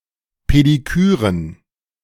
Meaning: plural of Pediküre
- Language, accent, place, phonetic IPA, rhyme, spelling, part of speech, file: German, Germany, Berlin, [pediˈkyːʁən], -yːʁən, Pediküren, noun, De-Pediküren.ogg